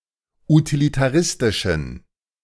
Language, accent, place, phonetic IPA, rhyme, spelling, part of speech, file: German, Germany, Berlin, [utilitaˈʁɪstɪʃn̩], -ɪstɪʃn̩, utilitaristischen, adjective, De-utilitaristischen.ogg
- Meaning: inflection of utilitaristisch: 1. strong genitive masculine/neuter singular 2. weak/mixed genitive/dative all-gender singular 3. strong/weak/mixed accusative masculine singular 4. strong dative plural